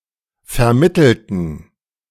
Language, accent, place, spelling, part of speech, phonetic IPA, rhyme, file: German, Germany, Berlin, vermittelten, adjective / verb, [fɛɐ̯ˈmɪtl̩tn̩], -ɪtl̩tn̩, De-vermittelten.ogg
- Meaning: inflection of vermitteln: 1. first/third-person plural preterite 2. first/third-person plural subjunctive II